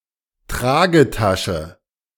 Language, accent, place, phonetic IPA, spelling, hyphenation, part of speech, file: German, Germany, Berlin, [ˈtʁaːɡəˌtaʃə], Tragetasche, Tra‧ge‧ta‧sche, noun, De-Tragetasche.ogg
- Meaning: shopping bag, carrier bag, tote bag